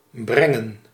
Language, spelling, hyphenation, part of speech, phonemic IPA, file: Dutch, brengen, bren‧gen, verb, /ˈbrɛŋə(n)/, Nl-brengen.ogg
- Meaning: 1. to bring, to carry 2. to deliver, to supply